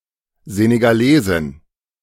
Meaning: female equivalent of Senegalese (“person from Senegal”)
- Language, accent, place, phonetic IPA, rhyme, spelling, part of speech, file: German, Germany, Berlin, [zeneɡaˈleːzɪn], -eːzɪn, Senegalesin, noun, De-Senegalesin.ogg